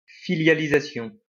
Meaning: subsidiarization
- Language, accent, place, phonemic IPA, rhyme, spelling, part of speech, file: French, France, Lyon, /fi.lja.li.za.sjɔ̃/, -ɔ̃, filialisation, noun, LL-Q150 (fra)-filialisation.wav